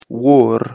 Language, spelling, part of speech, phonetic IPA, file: Pashto, اور, noun, [oɾ], اور-کندز.ogg
- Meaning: fire